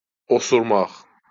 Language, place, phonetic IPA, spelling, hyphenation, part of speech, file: Azerbaijani, Baku, [osurˈmɑχ], osurmaq, o‧sur‧maq, verb, LL-Q9292 (aze)-osurmaq.wav
- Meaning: to fart